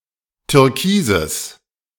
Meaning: strong/mixed nominative/accusative neuter singular of türkis
- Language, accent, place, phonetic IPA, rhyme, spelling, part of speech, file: German, Germany, Berlin, [tʏʁˈkiːzəs], -iːzəs, türkises, adjective, De-türkises.ogg